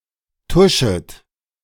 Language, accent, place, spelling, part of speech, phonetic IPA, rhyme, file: German, Germany, Berlin, tuschet, verb, [ˈtʊʃət], -ʊʃət, De-tuschet.ogg
- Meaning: second-person plural subjunctive I of tuschen